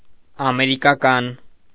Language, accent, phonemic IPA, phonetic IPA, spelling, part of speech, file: Armenian, Eastern Armenian, /ɑmeɾikɑˈkɑn/, [ɑmeɾikɑkɑ́n], ամերիկական, adjective, Hy-ամերիկական.ogg
- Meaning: 1. American (of or pertaining to the U.S. or its culture) 2. American (of or pertaining to the Americas)